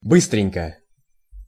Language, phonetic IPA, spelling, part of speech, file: Russian, [ˈbɨstrʲɪnʲkə], быстренько, adverb, Ru-быстренько.ogg
- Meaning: quickly